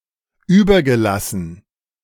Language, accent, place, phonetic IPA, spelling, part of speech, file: German, Germany, Berlin, [ˈyːbɐɡəˌlasn̩], übergelassen, verb, De-übergelassen.ogg
- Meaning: past participle of überlassen